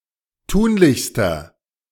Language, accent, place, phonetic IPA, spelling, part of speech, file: German, Germany, Berlin, [ˈtuːnlɪçstɐ], tunlichster, adjective, De-tunlichster.ogg
- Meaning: inflection of tunlich: 1. strong/mixed nominative masculine singular superlative degree 2. strong genitive/dative feminine singular superlative degree 3. strong genitive plural superlative degree